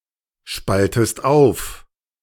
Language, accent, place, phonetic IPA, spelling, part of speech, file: German, Germany, Berlin, [ˌʃpaltəst ˈaʊ̯f], spaltest auf, verb, De-spaltest auf.ogg
- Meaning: inflection of aufspalten: 1. second-person singular present 2. second-person singular subjunctive I